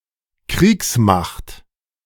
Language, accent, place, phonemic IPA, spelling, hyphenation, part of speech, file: German, Germany, Berlin, /ˈkʁiːksˌmaxt/, Kriegsmacht, Kriegs‧macht, noun, De-Kriegsmacht.ogg
- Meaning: armed forces